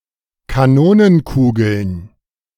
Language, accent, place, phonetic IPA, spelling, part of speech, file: German, Germany, Berlin, [kaˈnoːnənˌkuːɡl̩n], Kanonenkugeln, noun, De-Kanonenkugeln.ogg
- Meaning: plural of Kanonenkugel